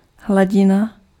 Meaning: 1. open surface of a liquid 2. level
- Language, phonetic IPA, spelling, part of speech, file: Czech, [ˈɦlaɟɪna], hladina, noun, Cs-hladina.ogg